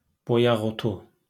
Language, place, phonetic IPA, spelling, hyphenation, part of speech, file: Azerbaijani, Baku, [bojɑɣoˈtu], boyaqotu, bo‧yaq‧o‧tu, noun, LL-Q9292 (aze)-boyaqotu.wav
- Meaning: madder, Rubia tinctorum